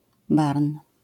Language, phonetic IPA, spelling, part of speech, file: Polish, [barn], barn, noun, LL-Q809 (pol)-barn.wav